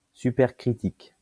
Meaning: supercritical
- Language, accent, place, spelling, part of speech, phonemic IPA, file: French, France, Lyon, supercritique, adjective, /sy.pɛʁ.kʁi.tik/, LL-Q150 (fra)-supercritique.wav